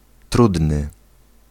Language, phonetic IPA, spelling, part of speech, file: Polish, [ˈtrudnɨ], trudny, adjective, Pl-trudny.ogg